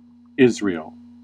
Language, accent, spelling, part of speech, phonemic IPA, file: English, US, Israel, proper noun, /ˈɪz.ɹeɪl/, En-us-Israel.ogg
- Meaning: A country in Western Asia in the Middle East, at the eastern shore of the Mediterranean. Official name: State of Israel